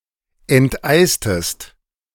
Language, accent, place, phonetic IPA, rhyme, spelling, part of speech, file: German, Germany, Berlin, [ɛntˈʔaɪ̯stəst], -aɪ̯stəst, enteistest, verb, De-enteistest.ogg
- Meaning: inflection of enteisen: 1. second-person singular preterite 2. second-person singular subjunctive II